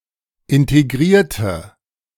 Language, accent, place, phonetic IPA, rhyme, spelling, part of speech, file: German, Germany, Berlin, [ˌɪnteˈɡʁiːɐ̯tə], -iːɐ̯tə, integrierte, adjective / verb, De-integrierte.ogg
- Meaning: inflection of integrieren: 1. first/third-person singular preterite 2. first/third-person singular subjunctive II